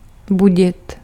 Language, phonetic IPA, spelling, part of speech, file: Czech, [ˈbuɟɪt], budit, verb, Cs-budit.ogg
- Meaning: to wake up